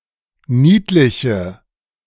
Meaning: inflection of niedlich: 1. strong/mixed nominative/accusative feminine singular 2. strong nominative/accusative plural 3. weak nominative all-gender singular
- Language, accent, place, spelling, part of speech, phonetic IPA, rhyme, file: German, Germany, Berlin, niedliche, adjective, [ˈniːtlɪçə], -iːtlɪçə, De-niedliche.ogg